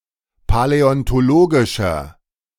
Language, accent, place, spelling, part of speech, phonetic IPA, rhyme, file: German, Germany, Berlin, paläontologischer, adjective, [palɛɔntoˈloːɡɪʃɐ], -oːɡɪʃɐ, De-paläontologischer.ogg
- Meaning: inflection of paläontologisch: 1. strong/mixed nominative masculine singular 2. strong genitive/dative feminine singular 3. strong genitive plural